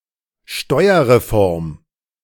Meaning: tax reform
- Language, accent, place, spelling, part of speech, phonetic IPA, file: German, Germany, Berlin, Steuerreform, noun, [ˈʃtɔɪ̯ɐʁeˌfɔʁm], De-Steuerreform.ogg